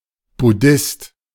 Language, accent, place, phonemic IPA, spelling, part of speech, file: German, Germany, Berlin, /bʊˈdɪst/, Buddhist, noun, De-Buddhist.ogg
- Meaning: Buddhist (male or of unspecified gender)